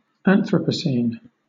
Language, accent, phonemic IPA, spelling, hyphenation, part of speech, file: English, Southern England, /ˈæn.θɹə.pəˌsiːn/, Anthropocene, An‧thro‧po‧cene, proper noun, LL-Q1860 (eng)-Anthropocene.wav